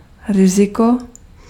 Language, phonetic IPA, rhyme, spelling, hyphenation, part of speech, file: Czech, [ˈrɪzɪko], -ɪko, riziko, ri‧zi‧ko, noun, Cs-riziko.ogg
- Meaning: risk